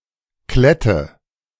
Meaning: 1. burdock 2. a bur (a seed pod with sharp features that stick in fur or clothing) 3. a clingy person
- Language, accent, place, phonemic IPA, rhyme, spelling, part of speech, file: German, Germany, Berlin, /ˈklɛtə/, -ɛtə, Klette, noun, De-Klette.ogg